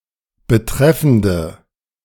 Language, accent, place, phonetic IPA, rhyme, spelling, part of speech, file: German, Germany, Berlin, [bəˈtʁɛfn̩də], -ɛfn̩də, betreffende, adjective, De-betreffende.ogg
- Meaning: inflection of betreffend: 1. strong/mixed nominative/accusative feminine singular 2. strong nominative/accusative plural 3. weak nominative all-gender singular